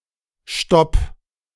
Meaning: stop, stoppage (interruption or halt of anything)
- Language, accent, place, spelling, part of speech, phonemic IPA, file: German, Germany, Berlin, Stopp, noun, /ʃtɔp/, De-Stopp.ogg